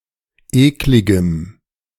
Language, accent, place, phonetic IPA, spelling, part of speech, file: German, Germany, Berlin, [ˈeːklɪɡəm], ekligem, adjective, De-ekligem.ogg
- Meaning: strong dative masculine/neuter singular of eklig